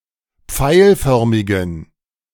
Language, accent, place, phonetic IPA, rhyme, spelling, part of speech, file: German, Germany, Berlin, [ˈp͡faɪ̯lˌfœʁmɪɡn̩], -aɪ̯lfœʁmɪɡn̩, pfeilförmigen, adjective, De-pfeilförmigen.ogg
- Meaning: inflection of pfeilförmig: 1. strong genitive masculine/neuter singular 2. weak/mixed genitive/dative all-gender singular 3. strong/weak/mixed accusative masculine singular 4. strong dative plural